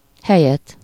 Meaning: accusative singular of hely
- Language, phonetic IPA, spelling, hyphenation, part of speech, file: Hungarian, [ˈhɛjɛt], helyet, he‧lyet, noun, Hu-helyet.ogg